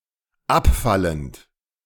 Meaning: present participle of abfallen
- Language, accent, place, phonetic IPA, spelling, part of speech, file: German, Germany, Berlin, [ˈapˌfalənt], abfallend, verb, De-abfallend.ogg